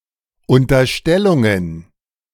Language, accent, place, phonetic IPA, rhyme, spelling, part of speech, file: German, Germany, Berlin, [ʊntɐˈʃtɛlʊŋən], -ɛlʊŋən, Unterstellungen, noun, De-Unterstellungen.ogg
- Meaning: plural of Unterstellung